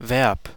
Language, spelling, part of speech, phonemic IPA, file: German, Verb, noun, /vɛʁp/, De-Verb.ogg
- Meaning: verb